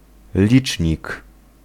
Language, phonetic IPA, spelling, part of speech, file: Polish, [ˈlʲit͡ʃʲɲik], licznik, noun, Pl-licznik.ogg